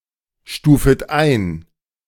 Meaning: second-person plural subjunctive I of einstufen
- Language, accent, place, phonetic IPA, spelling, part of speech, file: German, Germany, Berlin, [ˌʃtuːfət ˈaɪ̯n], stufet ein, verb, De-stufet ein.ogg